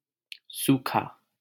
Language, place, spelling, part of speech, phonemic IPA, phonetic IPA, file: Hindi, Delhi, सूखा, adjective, /suː.kʰɑː/, [suː.kʰäː], LL-Q1568 (hin)-सूखा.wav
- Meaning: 1. dry, parched 2. arid 3. without sauce or accompanying liquid (of food)